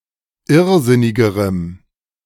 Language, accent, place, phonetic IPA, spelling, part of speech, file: German, Germany, Berlin, [ˈɪʁˌzɪnɪɡəʁəm], irrsinnigerem, adjective, De-irrsinnigerem.ogg
- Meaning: strong dative masculine/neuter singular comparative degree of irrsinnig